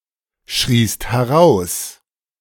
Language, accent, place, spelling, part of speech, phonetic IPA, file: German, Germany, Berlin, schriest heraus, verb, [ˌʃʁiːst hɛˈʁaʊ̯s], De-schriest heraus.ogg
- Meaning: second-person singular preterite of herausschreien